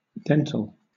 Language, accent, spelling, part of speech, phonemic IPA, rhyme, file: English, Southern England, dental, adjective / noun, /ˈdɛn.təl/, -ɛntəl, LL-Q1860 (eng)-dental.wav
- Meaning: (adjective) 1. Of or concerning the teeth 2. Of or concerning dentistry